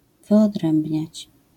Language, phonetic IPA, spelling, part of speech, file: Polish, [ˌvɨɔˈdrɛ̃mbʲɲät͡ɕ], wyodrębniać, verb, LL-Q809 (pol)-wyodrębniać.wav